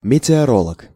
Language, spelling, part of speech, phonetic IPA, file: Russian, метеоролог, noun, [mʲɪtʲɪɐˈroɫək], Ru-метеоролог.ogg
- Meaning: meteorologist